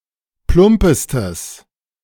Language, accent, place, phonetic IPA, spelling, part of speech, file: German, Germany, Berlin, [ˈplʊmpəstəs], plumpestes, adjective, De-plumpestes.ogg
- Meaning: strong/mixed nominative/accusative neuter singular superlative degree of plump